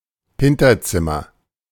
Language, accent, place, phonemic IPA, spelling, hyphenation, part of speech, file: German, Germany, Berlin, /ˈhɪntɐˌt͡sɪmɐ/, Hinterzimmer, Hin‧ter‧zim‧mer, noun, De-Hinterzimmer.ogg
- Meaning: backroom